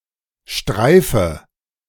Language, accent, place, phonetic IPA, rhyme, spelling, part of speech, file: German, Germany, Berlin, [ˈʃtʁaɪ̯fə], -aɪ̯fə, streife, verb, De-streife.ogg
- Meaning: inflection of streifen: 1. first-person singular present 2. first/third-person singular subjunctive I 3. singular imperative